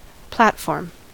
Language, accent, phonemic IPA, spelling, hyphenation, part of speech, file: English, US, /ˈplætfɔɹm/, platform, plat‧form, noun / verb, En-us-platform.ogg
- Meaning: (noun) A raised stage from which speeches are made and on which musical and other performances are made